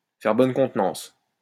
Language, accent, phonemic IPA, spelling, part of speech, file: French, France, /fɛʁ bɔn kɔ̃t.nɑ̃s/, faire bonne contenance, verb, LL-Q150 (fra)-faire bonne contenance.wav
- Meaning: to put on a brave face, to put a brave face on it, to keep one's composure